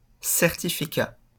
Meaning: 1. certificate, certification, credentials 2. diploma
- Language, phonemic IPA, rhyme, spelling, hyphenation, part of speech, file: French, /sɛʁ.ti.fi.ka/, -a, certificat, cer‧ti‧fi‧cat, noun, LL-Q150 (fra)-certificat.wav